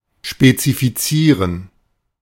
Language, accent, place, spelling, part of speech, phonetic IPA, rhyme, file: German, Germany, Berlin, spezifizieren, verb, [ʃpet͡sifiˈt͡siːʁən], -iːʁən, De-spezifizieren.ogg
- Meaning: to specify